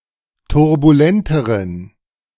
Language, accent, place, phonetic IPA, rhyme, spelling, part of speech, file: German, Germany, Berlin, [tʊʁbuˈlɛntəʁən], -ɛntəʁən, turbulenteren, adjective, De-turbulenteren.ogg
- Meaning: inflection of turbulent: 1. strong genitive masculine/neuter singular comparative degree 2. weak/mixed genitive/dative all-gender singular comparative degree